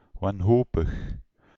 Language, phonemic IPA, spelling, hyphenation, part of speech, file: Dutch, /ˌʋɑnˈɦoː.pəx/, wanhopig, wan‧ho‧pig, adjective, Nl-wanhopig.ogg
- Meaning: hopeless, desperate